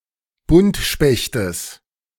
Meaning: genitive of Buntspecht
- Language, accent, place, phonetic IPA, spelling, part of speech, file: German, Germany, Berlin, [ˈbʊntʃpɛçtəs], Buntspechtes, noun, De-Buntspechtes.ogg